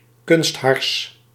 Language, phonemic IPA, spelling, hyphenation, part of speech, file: Dutch, /ˈkʏnst.ɦɑrs/, kunsthars, kunst‧hars, noun, Nl-kunsthars.ogg
- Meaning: synthetic resin